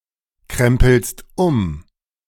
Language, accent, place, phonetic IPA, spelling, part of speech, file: German, Germany, Berlin, [ˌkʁɛmpl̩st ˈʊm], krempelst um, verb, De-krempelst um.ogg
- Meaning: second-person singular present of umkrempeln